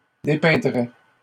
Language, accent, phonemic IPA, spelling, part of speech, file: French, Canada, /de.pɛ̃.dʁɛ/, dépeindrait, verb, LL-Q150 (fra)-dépeindrait.wav
- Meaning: third-person singular conditional of dépeindre